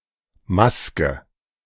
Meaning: 1. mask 2. workspace of an make-up artist 3. form (group of text fields, checkboxes etc. with a shared purpose)
- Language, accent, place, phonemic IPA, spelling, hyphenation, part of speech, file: German, Germany, Berlin, /ˈmaskə/, Maske, Mas‧ke, noun, De-Maske.ogg